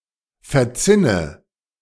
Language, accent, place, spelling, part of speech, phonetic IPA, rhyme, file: German, Germany, Berlin, verzinne, verb, [fɛɐ̯ˈt͡sɪnə], -ɪnə, De-verzinne.ogg
- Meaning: inflection of verzinnen: 1. first-person singular present 2. first/third-person singular subjunctive I 3. singular imperative